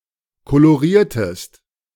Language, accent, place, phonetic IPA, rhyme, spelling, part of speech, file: German, Germany, Berlin, [koloˈʁiːɐ̯təst], -iːɐ̯təst, koloriertest, verb, De-koloriertest.ogg
- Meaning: inflection of kolorieren: 1. second-person singular preterite 2. second-person singular subjunctive II